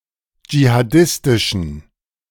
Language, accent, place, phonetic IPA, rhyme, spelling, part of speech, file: German, Germany, Berlin, [d͡ʒihaˈdɪstɪʃn̩], -ɪstɪʃn̩, jihadistischen, adjective, De-jihadistischen.ogg
- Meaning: inflection of jihadistisch: 1. strong genitive masculine/neuter singular 2. weak/mixed genitive/dative all-gender singular 3. strong/weak/mixed accusative masculine singular 4. strong dative plural